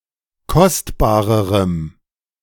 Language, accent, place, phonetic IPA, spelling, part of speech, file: German, Germany, Berlin, [ˈkɔstbaːʁəʁəm], kostbarerem, adjective, De-kostbarerem.ogg
- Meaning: strong dative masculine/neuter singular comparative degree of kostbar